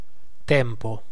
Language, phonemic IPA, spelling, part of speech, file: Italian, /ˈtɛmpo/, tempo, noun, It-tempo.ogg